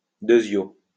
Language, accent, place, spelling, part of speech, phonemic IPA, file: French, France, Lyon, deuxio, adverb, /dø.zjo/, LL-Q150 (fra)-deuxio.wav
- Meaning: synonym of secundo